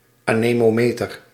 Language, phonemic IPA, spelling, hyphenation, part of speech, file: Dutch, /aː.neː.moːˈmeː.tər/, anemometer, ane‧mo‧me‧ter, noun, Nl-anemometer.ogg
- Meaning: anemometer, windmeter